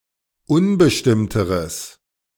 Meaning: strong/mixed nominative/accusative neuter singular comparative degree of unbestimmt
- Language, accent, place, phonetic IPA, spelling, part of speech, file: German, Germany, Berlin, [ˈʊnbəʃtɪmtəʁəs], unbestimmteres, adjective, De-unbestimmteres.ogg